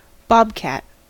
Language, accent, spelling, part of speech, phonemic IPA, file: English, US, bobcat, noun, /ˈbɔb.kæt/, En-us-bobcat.ogg
- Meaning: A North American wildcat (Lynx rufus), having tufted ears and a short tail